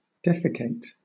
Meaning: 1. To excrete feces from one's bowels 2. To pass (something) as excrement; to purge 3. To clean (something) of dregs, impurities, etc.; to purify
- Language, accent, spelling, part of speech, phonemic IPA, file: English, Southern England, defecate, verb, /ˈdɛfɪkeɪt/, LL-Q1860 (eng)-defecate.wav